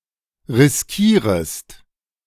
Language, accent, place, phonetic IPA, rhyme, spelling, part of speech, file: German, Germany, Berlin, [ʁɪsˈkiːʁəst], -iːʁəst, riskierest, verb, De-riskierest.ogg
- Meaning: second-person singular subjunctive I of riskieren